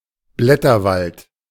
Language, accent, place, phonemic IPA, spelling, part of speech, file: German, Germany, Berlin, /ˈblɛtɐˌvalt/, Blätterwald, noun, De-Blätterwald.ogg
- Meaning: the print media (newspapers and political magazines)